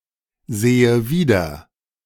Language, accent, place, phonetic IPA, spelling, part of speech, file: German, Germany, Berlin, [ˌzeːə ˈviːdɐ], sehe wieder, verb, De-sehe wieder.ogg
- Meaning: inflection of wiedersehen: 1. first-person singular present 2. first/third-person singular subjunctive I